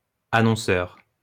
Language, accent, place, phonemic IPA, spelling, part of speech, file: French, France, Lyon, /a.nɔ̃.sœʁ/, annonceur, noun, LL-Q150 (fra)-annonceur.wav
- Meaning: 1. announcer, commentator 2. advertiser